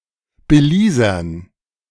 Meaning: dative plural of Belizer
- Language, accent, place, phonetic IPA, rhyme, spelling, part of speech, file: German, Germany, Berlin, [bəˈliːzɐn], -iːzɐn, Belizern, noun, De-Belizern.ogg